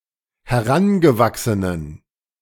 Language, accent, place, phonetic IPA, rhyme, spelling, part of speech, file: German, Germany, Berlin, [hɛˈʁanɡəˌvaksənən], -anɡəvaksənən, herangewachsenen, adjective, De-herangewachsenen.ogg
- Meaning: inflection of herangewachsen: 1. strong genitive masculine/neuter singular 2. weak/mixed genitive/dative all-gender singular 3. strong/weak/mixed accusative masculine singular 4. strong dative plural